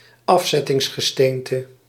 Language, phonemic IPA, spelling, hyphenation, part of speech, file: Dutch, /ˈɑf.sɛ.tɪŋs.xəˌsteːn.tə/, afzettingsgesteente, af‧zet‧tings‧ge‧steen‧te, noun, Nl-afzettingsgesteente.ogg
- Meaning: sedimentary rock